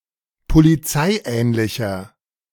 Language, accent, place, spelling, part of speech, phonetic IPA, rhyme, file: German, Germany, Berlin, polizeiähnlicher, adjective, [poliˈt͡saɪ̯ˌʔɛːnlɪçɐ], -aɪ̯ʔɛːnlɪçɐ, De-polizeiähnlicher.ogg
- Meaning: inflection of polizeiähnlich: 1. strong/mixed nominative masculine singular 2. strong genitive/dative feminine singular 3. strong genitive plural